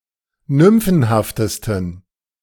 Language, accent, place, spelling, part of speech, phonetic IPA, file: German, Germany, Berlin, nymphenhaftesten, adjective, [ˈnʏmfn̩haftəstn̩], De-nymphenhaftesten.ogg
- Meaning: 1. superlative degree of nymphenhaft 2. inflection of nymphenhaft: strong genitive masculine/neuter singular superlative degree